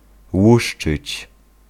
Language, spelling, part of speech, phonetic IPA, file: Polish, łuszczyć, verb, [ˈwuʃt͡ʃɨt͡ɕ], Pl-łuszczyć.ogg